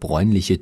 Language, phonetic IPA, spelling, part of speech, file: German, [ˈbʁɔɪ̯nlɪçə], bräunliche, adjective, De-bräunliche.ogg
- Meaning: inflection of bräunlich: 1. strong/mixed nominative/accusative feminine singular 2. strong nominative/accusative plural 3. weak nominative all-gender singular